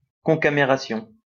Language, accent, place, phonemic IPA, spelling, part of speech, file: French, France, Lyon, /kɔ̃.ka.me.ʁa.sjɔ̃/, concamération, noun, LL-Q150 (fra)-concamération.wav
- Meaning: concameration (all senses)